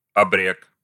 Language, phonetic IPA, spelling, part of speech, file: Russian, [ɐˈbrɛk], абрек, noun, Ru-абрек.ogg
- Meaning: 1. Abrek 2. a native of the Caucasus